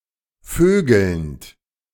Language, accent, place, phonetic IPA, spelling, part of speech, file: German, Germany, Berlin, [ˈføːɡl̩nt], vögelnd, verb, De-vögelnd.ogg
- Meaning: present participle of vögeln